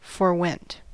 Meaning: simple past of forego
- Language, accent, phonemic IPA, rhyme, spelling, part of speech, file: English, US, /ˈfɔɹwɛnt/, -ɛnt, forewent, verb, En-us-forewent.ogg